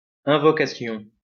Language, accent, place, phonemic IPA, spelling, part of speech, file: French, France, Lyon, /ɛ̃.vɔ.ka.sjɔ̃/, invocation, noun, LL-Q150 (fra)-invocation.wav
- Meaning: invocation